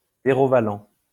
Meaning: zerovalent
- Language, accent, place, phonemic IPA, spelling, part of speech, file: French, France, Lyon, /ze.ʁɔ.va.lɑ̃/, zérovalent, adjective, LL-Q150 (fra)-zérovalent.wav